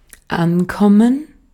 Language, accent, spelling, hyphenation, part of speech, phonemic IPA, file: German, Austria, ankommen, an‧kom‧men, verb, /ˈʔanˌkɔmən/, De-at-ankommen.ogg
- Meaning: 1. to arrive 2. to depend 3. to be important, to matter 4. to be a match for, to stand a chance against 5. to be received, to do